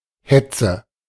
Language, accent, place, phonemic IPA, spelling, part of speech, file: German, Germany, Berlin, /ˈhɛt͡sə/, Hetze, noun, De-Hetze.ogg
- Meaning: 1. hurry, rush 2. hunt, chase 3. hate speech